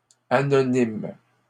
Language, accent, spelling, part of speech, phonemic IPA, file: French, Canada, anonymes, adjective, /a.nɔ.nim/, LL-Q150 (fra)-anonymes.wav
- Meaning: plural of anonyme